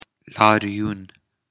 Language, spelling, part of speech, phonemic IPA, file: Pashto, لاريون, noun, /lɑrˈjun/, لاريون.ogg
- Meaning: demonstration, protest